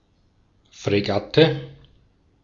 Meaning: frigate
- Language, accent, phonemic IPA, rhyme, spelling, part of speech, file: German, Austria, /fʁeˈɡatə/, -atə, Fregatte, noun, De-at-Fregatte.ogg